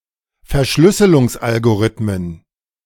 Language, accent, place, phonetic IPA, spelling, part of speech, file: German, Germany, Berlin, [ˈfɛɐ̯ˈʃlʏsəlʊŋsˌʔalɡoʁɪtmən], Verschlüsselungsalgorithmen, noun, De-Verschlüsselungsalgorithmen.ogg
- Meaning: plural of Verschlüsselungsalgorithmus